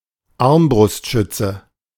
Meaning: crossbowman (male or of unspecified gender)
- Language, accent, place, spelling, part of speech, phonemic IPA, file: German, Germany, Berlin, Armbrustschütze, noun, /ˈaʁmbʁʊstˌʃʏtsə/, De-Armbrustschütze.ogg